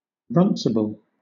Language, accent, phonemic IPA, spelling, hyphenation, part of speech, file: English, Southern England, /ˈɹʌnsɪb(ə)l/, runcible, run‧ci‧ble, adjective, LL-Q1860 (eng)-runcible.wav
- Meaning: A nonce word used for humorous effect